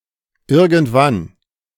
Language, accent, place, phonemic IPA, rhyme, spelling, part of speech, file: German, Germany, Berlin, /ˈɪʁɡəntˈvan/, -an, irgendwann, adverb, De-irgendwann.ogg
- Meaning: 1. sometime, somewhen, anytime 2. at some point, someday